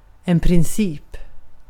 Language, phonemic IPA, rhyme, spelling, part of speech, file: Swedish, /prɪnˈsiːp/, -iːp, princip, noun, Sv-princip.ogg
- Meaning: principle